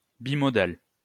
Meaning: bimodal
- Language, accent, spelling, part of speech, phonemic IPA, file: French, France, bimodal, adjective, /bi.mɔ.dal/, LL-Q150 (fra)-bimodal.wav